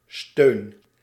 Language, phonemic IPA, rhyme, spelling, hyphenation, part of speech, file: Dutch, /støːn/, -øːn, steun, steun, noun / verb, Nl-steun.ogg
- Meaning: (noun) 1. support 2. backup 3. dole, unemployment benefit; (verb) inflection of steunen: 1. first-person singular present indicative 2. second-person singular present indicative 3. imperative